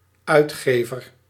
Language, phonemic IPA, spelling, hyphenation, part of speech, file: Dutch, /ˈœy̯tˌxeːvər/, uitgever, uit‧ge‧ver, noun, Nl-uitgever.ogg
- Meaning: publisher